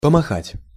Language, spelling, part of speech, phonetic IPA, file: Russian, помахать, verb, [pəmɐˈxatʲ], Ru-помахать.ogg
- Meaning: to wave, to flap, to fling, to brandish